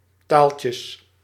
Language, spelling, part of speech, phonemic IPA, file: Dutch, taaltjes, noun, /ˈtaɫcjəs/, Nl-taaltjes.ogg
- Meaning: plural of taaltje